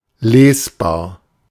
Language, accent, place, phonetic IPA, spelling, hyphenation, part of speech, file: German, Germany, Berlin, [ˈleːsbaːɐ̯], lesbar, les‧bar, adjective, De-lesbar.ogg
- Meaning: 1. legible 2. readable